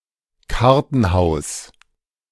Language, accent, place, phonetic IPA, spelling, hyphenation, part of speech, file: German, Germany, Berlin, [ˈkaʁtn̩ˌhaʊ̯s], Kartenhaus, Kar‧ten‧haus, noun, De-Kartenhaus.ogg
- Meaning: house of cards